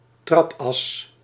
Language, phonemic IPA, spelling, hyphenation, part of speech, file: Dutch, /ˈtrɑp.ɑs/, trapas, trap‧as, noun, Nl-trapas.ogg
- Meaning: a bottom bracket of a bicycle; the part that connects the crankset to the frame